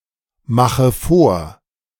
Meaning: inflection of vormachen: 1. first-person singular present 2. first/third-person singular subjunctive I 3. singular imperative
- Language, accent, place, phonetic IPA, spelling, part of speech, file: German, Germany, Berlin, [ˌmaxə ˈfoːɐ̯], mache vor, verb, De-mache vor.ogg